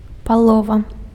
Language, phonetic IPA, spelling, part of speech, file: Belarusian, [paˈɫova], палова, noun, Be-палова.ogg
- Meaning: 1. chaff 2. half